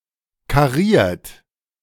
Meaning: checkered
- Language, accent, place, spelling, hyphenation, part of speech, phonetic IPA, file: German, Germany, Berlin, kariert, ka‧riert, adjective, [kaˈʁiːɐ̯t], De-kariert.ogg